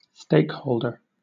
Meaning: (noun) A person holding the stakes of bettors, with the responsibility of delivering the pot to the winner of the bet
- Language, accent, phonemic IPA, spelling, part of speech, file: English, Southern England, /ˈsteɪkˌhəʊl.də/, stakeholder, noun / verb, LL-Q1860 (eng)-stakeholder.wav